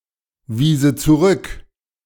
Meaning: first/third-person singular subjunctive II of zurückweisen
- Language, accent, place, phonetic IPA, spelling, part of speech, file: German, Germany, Berlin, [ˌviːzə t͡suˈʁʏk], wiese zurück, verb, De-wiese zurück.ogg